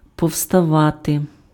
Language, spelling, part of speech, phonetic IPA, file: Ukrainian, повставати, verb, [pɔu̯stɐˈʋate], Uk-повставати.ogg
- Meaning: 1. to get up, to stand up 2. to get down, to alight, to descend 3. to rise up, to revolt, to rebel (mount an insurrection)